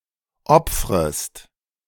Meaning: second-person singular subjunctive I of opfern
- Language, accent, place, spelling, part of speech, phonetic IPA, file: German, Germany, Berlin, opfrest, verb, [ˈɔp͡fʁəst], De-opfrest.ogg